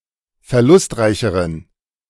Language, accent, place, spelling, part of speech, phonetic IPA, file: German, Germany, Berlin, verlustreicheren, adjective, [fɛɐ̯ˈlʊstˌʁaɪ̯çəʁən], De-verlustreicheren.ogg
- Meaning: inflection of verlustreich: 1. strong genitive masculine/neuter singular comparative degree 2. weak/mixed genitive/dative all-gender singular comparative degree